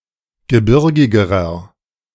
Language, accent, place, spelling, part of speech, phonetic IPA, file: German, Germany, Berlin, gebirgigerer, adjective, [ɡəˈbɪʁɡɪɡəʁɐ], De-gebirgigerer.ogg
- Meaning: inflection of gebirgig: 1. strong/mixed nominative masculine singular comparative degree 2. strong genitive/dative feminine singular comparative degree 3. strong genitive plural comparative degree